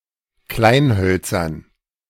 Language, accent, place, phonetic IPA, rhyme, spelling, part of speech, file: German, Germany, Berlin, [ˈklaɪ̯nˌhœlt͡sɐn], -aɪ̯nhœlt͡sɐn, Kleinhölzern, noun, De-Kleinhölzern.ogg
- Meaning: dative plural of Kleinholz